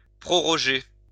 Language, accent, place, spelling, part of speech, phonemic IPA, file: French, France, Lyon, proroger, verb, /pʁɔ.ʁɔ.ʒe/, LL-Q150 (fra)-proroger.wav
- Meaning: 1. to extend 2. to defer, put back 3. to adjourn 4. to prorogue